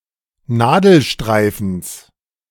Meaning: genitive of Nadelstreifen
- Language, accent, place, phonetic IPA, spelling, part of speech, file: German, Germany, Berlin, [ˈnaːdl̩ˌʃtʁaɪ̯fn̩s], Nadelstreifens, noun, De-Nadelstreifens.ogg